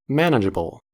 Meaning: 1. Capable of being managed or controlled 2. Capable of being done or fulfilled; achievable
- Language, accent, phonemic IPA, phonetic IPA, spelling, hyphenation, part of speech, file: English, US, /ˈmænəd͡ʒəbəl/, [ˈmɛənəd͡ʒəbɫ̩], manageable, man‧age‧a‧ble, adjective, En-us-manageable.ogg